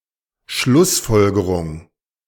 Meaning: 1. conclusion 2. implication
- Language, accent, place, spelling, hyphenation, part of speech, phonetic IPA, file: German, Germany, Berlin, Schlussfolgerung, Schluss‧fol‧ge‧rung, noun, [ˈʃlʊsˌfɔlɡəʁʊŋ], De-Schlussfolgerung.ogg